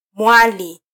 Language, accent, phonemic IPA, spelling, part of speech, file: Swahili, Kenya, /ˈmʷɑ.li/, mwali, noun, Sw-ke-mwali.flac
- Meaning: 1. maiden 2. virgin 3. bride?